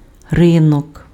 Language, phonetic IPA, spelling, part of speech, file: Ukrainian, [ˈrɪnɔk], ринок, noun, Uk-ринок.ogg
- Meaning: market, marketplace